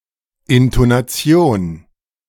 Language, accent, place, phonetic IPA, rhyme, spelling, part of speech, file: German, Germany, Berlin, [ɪntonaˈt͡si̯oːn], -oːn, Intonation, noun, De-Intonation.ogg
- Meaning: intonation